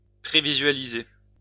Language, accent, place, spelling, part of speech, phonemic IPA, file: French, France, Lyon, prévisualiser, verb, /pʁe.vi.zɥa.li.ze/, LL-Q150 (fra)-prévisualiser.wav
- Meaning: to preview